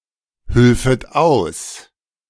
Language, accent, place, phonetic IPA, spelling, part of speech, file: German, Germany, Berlin, [ˌhʏlfət ˈaʊ̯s], hülfet aus, verb, De-hülfet aus.ogg
- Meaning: second-person plural subjunctive II of aushelfen